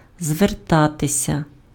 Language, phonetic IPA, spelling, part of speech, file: Ukrainian, [zʋerˈtatesʲɐ], звертатися, verb, Uk-звертатися.ogg
- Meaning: 1. to turn (to: до (do) + genitive case), to address (direct one's words or attention) 2. to appeal (to: до (do) + genitive case), to apply (to: до (do) + genitive case) (make a solicitation)